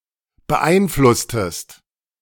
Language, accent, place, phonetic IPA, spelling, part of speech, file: German, Germany, Berlin, [bəˈʔaɪ̯nˌflʊstəst], beeinflusstest, verb, De-beeinflusstest.ogg
- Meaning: inflection of beeinflussen: 1. second-person singular preterite 2. second-person singular subjunctive II